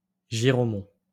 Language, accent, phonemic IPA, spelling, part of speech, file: French, France, /ʒi.ʁo.mɔ̃/, giraumon, noun, LL-Q150 (fra)-giraumon.wav
- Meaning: pumpkin